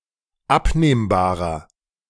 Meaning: inflection of abnehmbar: 1. strong/mixed nominative masculine singular 2. strong genitive/dative feminine singular 3. strong genitive plural
- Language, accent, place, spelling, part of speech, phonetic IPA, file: German, Germany, Berlin, abnehmbarer, adjective, [ˈapneːmbaːʁɐ], De-abnehmbarer.ogg